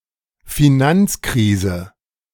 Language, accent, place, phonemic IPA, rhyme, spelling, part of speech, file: German, Germany, Berlin, /fɪˈnant͡sˌkʁiːzə/, -iːzə, Finanzkrise, noun, De-Finanzkrise.ogg
- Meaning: financial crisis